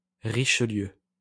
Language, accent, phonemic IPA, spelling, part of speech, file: French, France, /ʁi.ʃə.ljø/, richelieu, noun, LL-Q150 (fra)-richelieu.wav
- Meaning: Oxford shoe